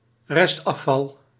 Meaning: general waste, residual waste, unsorted household waste
- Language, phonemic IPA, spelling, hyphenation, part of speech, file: Dutch, /ˈrɛst.ɑˌfɑl/, restafval, rest‧af‧val, noun, Nl-restafval.ogg